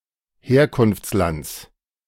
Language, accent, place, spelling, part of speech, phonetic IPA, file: German, Germany, Berlin, Herkunftslands, noun, [ˈheːɐ̯kʊnft͡sˌlant͡s], De-Herkunftslands.ogg
- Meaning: genitive singular of Herkunftsland